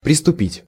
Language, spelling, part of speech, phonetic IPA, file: Russian, приступить, verb, [prʲɪstʊˈpʲitʲ], Ru-приступить.ogg
- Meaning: 1. to set about, to start, to begin 2. to proceed